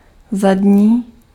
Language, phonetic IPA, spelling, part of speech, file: Czech, [ˈzadɲiː], zadní, adjective, Cs-zadní.ogg
- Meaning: back, rear, hind (near the rear)